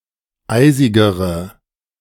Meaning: inflection of eisig: 1. strong/mixed nominative/accusative feminine singular comparative degree 2. strong nominative/accusative plural comparative degree
- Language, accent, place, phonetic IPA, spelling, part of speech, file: German, Germany, Berlin, [ˈaɪ̯zɪɡəʁə], eisigere, adjective, De-eisigere.ogg